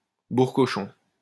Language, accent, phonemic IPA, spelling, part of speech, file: French, France, /buʁ.kɔ.ʃɔ̃/, bourre-cochon, noun, LL-Q150 (fra)-bourre-cochon.wav
- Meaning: 1. stodge, stodgy meal 2. place where such meals are served